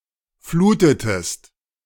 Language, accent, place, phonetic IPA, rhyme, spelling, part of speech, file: German, Germany, Berlin, [ˈfluːtətəst], -uːtətəst, flutetest, verb, De-flutetest.ogg
- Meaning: inflection of fluten: 1. second-person singular preterite 2. second-person singular subjunctive II